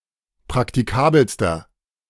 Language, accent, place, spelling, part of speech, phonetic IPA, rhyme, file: German, Germany, Berlin, praktikabelster, adjective, [pʁaktiˈkaːbl̩stɐ], -aːbl̩stɐ, De-praktikabelster.ogg
- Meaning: inflection of praktikabel: 1. strong/mixed nominative masculine singular superlative degree 2. strong genitive/dative feminine singular superlative degree 3. strong genitive plural superlative degree